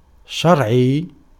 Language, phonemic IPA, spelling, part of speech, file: Arabic, /ʃar.ʕijj/, شرعي, adjective, Ar-شرعي.ogg
- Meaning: lawful, legal